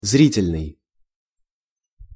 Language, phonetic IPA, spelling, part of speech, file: Russian, [ˈzrʲitʲɪlʲnɨj], зрительный, adjective, Ru-зрительный.ogg
- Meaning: visual (related to of affecting the vision)